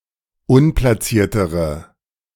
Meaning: inflection of unplaciert: 1. strong/mixed nominative/accusative feminine singular comparative degree 2. strong nominative/accusative plural comparative degree
- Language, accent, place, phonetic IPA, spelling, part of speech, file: German, Germany, Berlin, [ˈʊnplasiːɐ̯təʁə], unplaciertere, adjective, De-unplaciertere.ogg